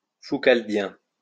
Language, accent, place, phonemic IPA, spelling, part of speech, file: French, France, Lyon, /fu.kal.djɛ̃/, foucaldien, adjective, LL-Q150 (fra)-foucaldien.wav
- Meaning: Foucauldian